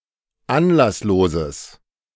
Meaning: strong/mixed nominative/accusative neuter singular of anlasslos
- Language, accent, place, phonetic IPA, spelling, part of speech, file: German, Germany, Berlin, [ˈanlasˌloːzəs], anlassloses, adjective, De-anlassloses.ogg